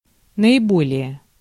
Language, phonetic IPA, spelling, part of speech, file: Russian, [nəɪˈbolʲɪje], наиболее, adverb, Ru-наиболее.ogg
- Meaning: the most, above all, most of all